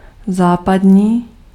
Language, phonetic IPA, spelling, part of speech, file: Czech, [ˈzaːpadɲiː], západní, adjective, Cs-západní.ogg
- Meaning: western